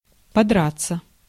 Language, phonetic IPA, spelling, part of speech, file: Russian, [pɐˈdrat͡sːə], подраться, verb, Ru-подраться.ogg
- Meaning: 1. to fight, to scuffle 2. passive of подра́ть (podrátʹ)